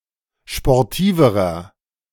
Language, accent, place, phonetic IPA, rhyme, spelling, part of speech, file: German, Germany, Berlin, [ʃpɔʁˈtiːvəʁɐ], -iːvəʁɐ, sportiverer, adjective, De-sportiverer.ogg
- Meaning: inflection of sportiv: 1. strong/mixed nominative masculine singular comparative degree 2. strong genitive/dative feminine singular comparative degree 3. strong genitive plural comparative degree